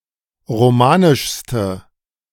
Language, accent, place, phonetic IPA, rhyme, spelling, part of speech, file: German, Germany, Berlin, [ʁoˈmaːnɪʃstə], -aːnɪʃstə, romanischste, adjective, De-romanischste.ogg
- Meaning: inflection of romanisch: 1. strong/mixed nominative/accusative feminine singular superlative degree 2. strong nominative/accusative plural superlative degree